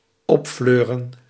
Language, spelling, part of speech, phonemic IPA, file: Dutch, opfleuren, verb, /ˈɔpˌfløːrə(n)/, Nl-opfleuren.ogg
- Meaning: to cheer up